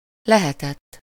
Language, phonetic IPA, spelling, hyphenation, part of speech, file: Hungarian, [ˈlɛhɛtɛtː], lehetett, le‧he‧tett, verb, Hu-lehetett.ogg
- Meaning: third-person singular indicative past indefinite of lehet